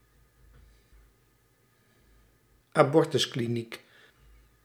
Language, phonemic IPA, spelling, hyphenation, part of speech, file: Dutch, /aːˈbɔr.tʏs.kliˌnik/, abortuskliniek, abor‧tus‧kli‧niek, noun, Nl-abortuskliniek.ogg
- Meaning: abortion clinic